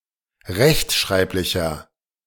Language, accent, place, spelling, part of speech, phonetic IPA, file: German, Germany, Berlin, rechtschreiblicher, adjective, [ˈʁɛçtˌʃʁaɪ̯plɪçɐ], De-rechtschreiblicher.ogg
- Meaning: inflection of rechtschreiblich: 1. strong/mixed nominative masculine singular 2. strong genitive/dative feminine singular 3. strong genitive plural